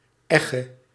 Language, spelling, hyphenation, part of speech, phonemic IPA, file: Dutch, egge, eg‧ge, noun / verb, /ˈɛ.ɣə/, Nl-egge.ogg
- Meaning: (noun) 1. skewed, sharp side 2. edge 3. corner; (verb) singular present subjunctive of eggen